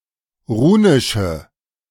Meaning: inflection of runisch: 1. strong/mixed nominative/accusative feminine singular 2. strong nominative/accusative plural 3. weak nominative all-gender singular 4. weak accusative feminine/neuter singular
- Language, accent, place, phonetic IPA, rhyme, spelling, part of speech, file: German, Germany, Berlin, [ˈʁuːnɪʃə], -uːnɪʃə, runische, adjective, De-runische.ogg